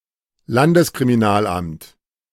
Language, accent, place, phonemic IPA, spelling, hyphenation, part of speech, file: German, Germany, Berlin, /ˈlandəskʁimiˌnaːlʔamt/, Landeskriminalamt, Lan‧des‧kri‧mi‧nal‧amt, noun, De-Landeskriminalamt.ogg
- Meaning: state office of criminal investigations